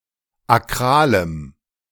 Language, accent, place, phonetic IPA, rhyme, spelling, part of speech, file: German, Germany, Berlin, [aˈkʁaːləm], -aːləm, akralem, adjective, De-akralem.ogg
- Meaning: strong dative masculine/neuter singular of akral